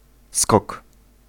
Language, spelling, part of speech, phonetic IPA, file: Polish, skok, noun, [skɔk], Pl-skok.ogg